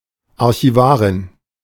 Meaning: archivist (female)
- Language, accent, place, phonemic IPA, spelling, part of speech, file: German, Germany, Berlin, /ˌaʁçiˈvaːʁɪn/, Archivarin, noun, De-Archivarin.ogg